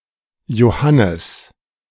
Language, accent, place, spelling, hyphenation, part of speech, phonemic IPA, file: German, Germany, Berlin, Johannes, Jo‧han‧nes, proper noun / noun, /joˈhanəs/, De-Johannes.ogg
- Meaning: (proper noun) John